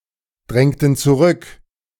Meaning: inflection of zurückdrängen: 1. first/third-person plural preterite 2. first/third-person plural subjunctive II
- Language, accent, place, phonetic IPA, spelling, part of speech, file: German, Germany, Berlin, [ˌdʁɛŋtn̩ t͡suˈʁʏk], drängten zurück, verb, De-drängten zurück.ogg